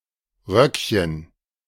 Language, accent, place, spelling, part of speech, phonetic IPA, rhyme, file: German, Germany, Berlin, Röckchen, noun, [ˈʁœkçən], -œkçən, De-Röckchen.ogg
- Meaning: diminutive of Rock